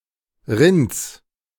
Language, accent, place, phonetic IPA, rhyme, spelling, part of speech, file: German, Germany, Berlin, [ʁɪnt͡s], -ɪnt͡s, Rinds, noun, De-Rinds.ogg
- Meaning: genitive singular of Rind